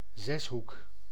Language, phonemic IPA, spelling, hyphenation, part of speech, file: Dutch, /ˈzɛs.ɦuk/, zeshoek, zes‧hoek, noun, Nl-zeshoek.ogg
- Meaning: a hexagon, polygon with six sides and six angles